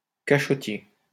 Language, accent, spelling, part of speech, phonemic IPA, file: French, France, cachottier, adjective, /ka.ʃɔ.tje/, LL-Q150 (fra)-cachottier.wav
- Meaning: secretive